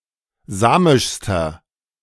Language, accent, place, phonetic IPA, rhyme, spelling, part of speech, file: German, Germany, Berlin, [ˈzaːmɪʃstɐ], -aːmɪʃstɐ, samischster, adjective, De-samischster.ogg
- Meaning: inflection of samisch: 1. strong/mixed nominative masculine singular superlative degree 2. strong genitive/dative feminine singular superlative degree 3. strong genitive plural superlative degree